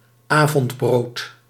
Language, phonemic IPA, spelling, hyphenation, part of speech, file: Dutch, /ˈaː.vɔntˌbroːt/, avondbrood, avond‧brood, noun, Nl-avondbrood.ogg
- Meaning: a supper where bread is the main food